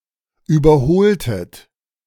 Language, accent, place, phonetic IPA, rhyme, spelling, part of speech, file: German, Germany, Berlin, [ˌyːbɐˈhoːltət], -oːltət, überholtet, verb, De-überholtet.ogg
- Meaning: inflection of überholen: 1. second-person plural preterite 2. second-person plural subjunctive II